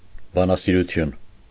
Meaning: philology
- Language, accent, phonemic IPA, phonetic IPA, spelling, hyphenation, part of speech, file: Armenian, Eastern Armenian, /bɑnɑsiɾuˈtʰjun/, [bɑnɑsiɾut͡sʰjún], բանասիրություն, բա‧նա‧սի‧րու‧թյուն, noun, Hy-բանասիրություն.ogg